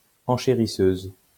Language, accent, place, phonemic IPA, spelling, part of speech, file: French, France, Lyon, /ɑ̃.ʃe.ʁi.søz/, enchérisseuse, noun, LL-Q150 (fra)-enchérisseuse.wav
- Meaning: female equivalent of enchérisseur